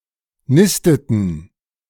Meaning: inflection of nisten: 1. first/third-person plural preterite 2. first/third-person plural subjunctive II
- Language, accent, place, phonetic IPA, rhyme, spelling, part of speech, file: German, Germany, Berlin, [ˈnɪstətn̩], -ɪstətn̩, nisteten, verb, De-nisteten.ogg